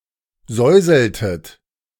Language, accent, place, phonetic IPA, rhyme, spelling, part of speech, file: German, Germany, Berlin, [ˈzɔɪ̯zl̩tət], -ɔɪ̯zl̩tət, säuseltet, verb, De-säuseltet.ogg
- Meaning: inflection of säuseln: 1. second-person plural preterite 2. second-person plural subjunctive II